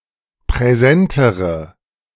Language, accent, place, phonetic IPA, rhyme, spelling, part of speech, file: German, Germany, Berlin, [pʁɛˈzɛntəʁə], -ɛntəʁə, präsentere, adjective, De-präsentere.ogg
- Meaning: inflection of präsent: 1. strong/mixed nominative/accusative feminine singular comparative degree 2. strong nominative/accusative plural comparative degree